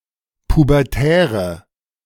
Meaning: inflection of pubertär: 1. strong/mixed nominative/accusative feminine singular 2. strong nominative/accusative plural 3. weak nominative all-gender singular
- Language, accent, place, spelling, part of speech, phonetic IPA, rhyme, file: German, Germany, Berlin, pubertäre, adjective, [pubɛʁˈtɛːʁə], -ɛːʁə, De-pubertäre.ogg